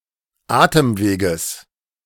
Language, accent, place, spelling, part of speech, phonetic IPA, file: German, Germany, Berlin, Atemweges, noun, [ˈaːtəmˌveːɡəs], De-Atemweges.ogg
- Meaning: genitive singular of Atemweg